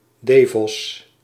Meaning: a surname, Devos, equivalent to English Fox
- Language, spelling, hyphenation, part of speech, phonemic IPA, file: Dutch, Devos, De‧vos, proper noun, /dəˈvɔs/, Nl-Devos.ogg